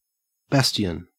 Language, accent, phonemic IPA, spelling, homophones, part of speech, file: English, Australia, /ˈbæsti.ən/, bastion, Bastian, noun / verb, En-au-bastion.ogg
- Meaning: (noun) 1. A projecting part of a rampart or other fortification 2. A well-fortified position; a stronghold or citadel 3. A person, group, or thing, that strongly defends some principle